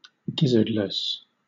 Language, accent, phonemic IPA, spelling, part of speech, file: English, Southern England, /ˈɡɪzə(ɹ)d.lɪs/, gizzardless, adjective, LL-Q1860 (eng)-gizzardless.wav
- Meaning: 1. Without a gizzard; without guts or innards 2. Lacking courage, cowardly